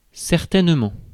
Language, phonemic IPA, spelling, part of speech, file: French, /sɛʁ.tɛn.mɑ̃/, certainement, adverb, Fr-certainement.ogg
- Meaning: 1. certainly (with certainty, without doubt) 2. probably (very likely, although not entirely sure)